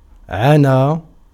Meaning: 1. to mean, to signify 2. to concern, to refer to 3. to fill with anxiety, to engross, to trouble 4. to happen, to occur, to befall 5. to produce 6. to do good, to agree with 7. to be a captive
- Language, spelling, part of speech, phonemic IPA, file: Arabic, عنى, verb, /ʕa.naː/, Ar-عنى.ogg